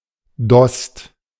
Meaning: 1. any plant of the genus Origanum 2. oregano (Origanum vulgare) 3. tuft (of a plant, of hair etc.)
- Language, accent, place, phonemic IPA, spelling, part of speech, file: German, Germany, Berlin, /dɔst/, Dost, noun, De-Dost.ogg